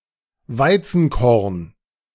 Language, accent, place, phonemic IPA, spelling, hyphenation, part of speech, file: German, Germany, Berlin, /ˈvaɪ̯t͡sn̩ˌkɔʁn/, Weizenkorn, Wei‧zen‧korn, noun, De-Weizenkorn.ogg
- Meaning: wheat grain